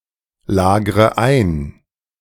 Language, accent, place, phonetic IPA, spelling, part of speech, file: German, Germany, Berlin, [ˌlaːɡʁə ˈaɪ̯n], lagre ein, verb, De-lagre ein.ogg
- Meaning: inflection of einlagern: 1. first-person singular present 2. first/third-person singular subjunctive I 3. singular imperative